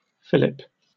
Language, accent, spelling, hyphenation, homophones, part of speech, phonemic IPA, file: English, Received Pronunciation, fillip, fil‧lip, Philip / Phillip, noun / verb, /ˈfɪlɪp/, En-uk-fillip.oga
- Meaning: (noun) 1. The action of holding the tip of a finger against the thumb and then releasing it with a snap; a flick 2. A sharp strike or tap made using this action, or (by extension) by other means